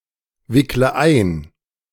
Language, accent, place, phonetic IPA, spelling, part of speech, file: German, Germany, Berlin, [ˌvɪklə ˈaɪ̯n], wickle ein, verb, De-wickle ein.ogg
- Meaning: inflection of einwickeln: 1. first-person singular present 2. first/third-person singular subjunctive I 3. singular imperative